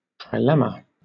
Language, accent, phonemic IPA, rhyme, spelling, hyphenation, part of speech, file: English, Southern England, /tɹaɪˈlɛmə/, -ɛmə, trilemma, tri‧lem‧ma, noun, LL-Q1860 (eng)-trilemma.wav
- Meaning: A circumstance in which a choice must be made between three options that seem equally undesirable